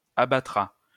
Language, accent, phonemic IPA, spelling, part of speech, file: French, France, /a.ba.tʁa/, abattra, verb, LL-Q150 (fra)-abattra.wav
- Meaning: third-person singular future of abattre